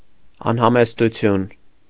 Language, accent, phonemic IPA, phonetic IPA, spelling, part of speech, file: Armenian, Eastern Armenian, /ɑnhɑmestuˈtʰjun/, [ɑnhɑmestut͡sʰjún], անհամեստություն, noun, Hy-անհամեստություն .ogg
- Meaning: 1. immodesty, lack of modesty 2. indiscretion, indelicacy